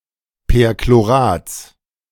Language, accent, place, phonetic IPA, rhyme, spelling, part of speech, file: German, Germany, Berlin, [pɛʁkloˈʁaːt͡s], -aːt͡s, Perchlorats, noun, De-Perchlorats.ogg
- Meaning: genitive singular of Perchlorat